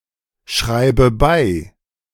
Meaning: singular imperative of zurückschreiben
- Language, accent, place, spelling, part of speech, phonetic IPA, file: German, Germany, Berlin, schreib zurück, verb, [ˌʃʁaɪ̯p t͡suˈʁʏk], De-schreib zurück.ogg